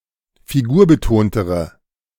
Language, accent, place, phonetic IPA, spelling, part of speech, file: German, Germany, Berlin, [fiˈɡuːɐ̯bəˌtoːntəʁə], figurbetontere, adjective, De-figurbetontere.ogg
- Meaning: inflection of figurbetont: 1. strong/mixed nominative/accusative feminine singular comparative degree 2. strong nominative/accusative plural comparative degree